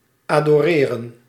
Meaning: to adore
- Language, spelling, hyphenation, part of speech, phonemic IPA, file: Dutch, adoreren, ado‧re‧ren, verb, /ˌaːdoːˈreːrə(n)/, Nl-adoreren.ogg